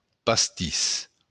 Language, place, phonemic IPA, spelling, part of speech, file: Occitan, Béarn, /pasˈtis/, pastís, noun, LL-Q14185 (oci)-pastís.wav
- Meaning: 1. Pastis, a liqueur containing aniseed 2. a Gascon pastry